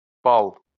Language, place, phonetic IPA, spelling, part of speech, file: Azerbaijani, Baku, [bɑɫ], bal, noun, LL-Q9292 (aze)-bal.wav
- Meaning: 1. honey 2. point 3. mark, grade, score 4. ball, dance